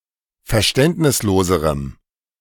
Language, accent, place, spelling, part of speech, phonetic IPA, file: German, Germany, Berlin, verständnisloserem, adjective, [fɛɐ̯ˈʃtɛntnɪsˌloːzəʁəm], De-verständnisloserem.ogg
- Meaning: strong dative masculine/neuter singular comparative degree of verständnislos